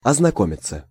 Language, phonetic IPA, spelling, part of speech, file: Russian, [ɐznɐˈkomʲɪt͡sə], ознакомиться, verb, Ru-ознакомиться.ogg
- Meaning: 1. to become acquainted with, to get to know 2. passive of ознако́мить (oznakómitʹ)